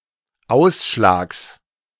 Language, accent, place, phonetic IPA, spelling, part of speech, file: German, Germany, Berlin, [ˈaʊ̯sʃlaːks], Ausschlags, noun, De-Ausschlags.ogg
- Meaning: genitive singular of Ausschlag